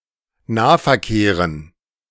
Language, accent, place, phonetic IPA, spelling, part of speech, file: German, Germany, Berlin, [ˈnaːfɛɐ̯ˌkeːʁən], Nahverkehren, noun, De-Nahverkehren.ogg
- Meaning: dative plural of Nahverkehr